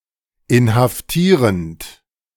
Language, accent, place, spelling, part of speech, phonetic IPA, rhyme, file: German, Germany, Berlin, inhaftierend, verb, [ɪnhafˈtiːʁənt], -iːʁənt, De-inhaftierend.ogg
- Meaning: present participle of inhaftieren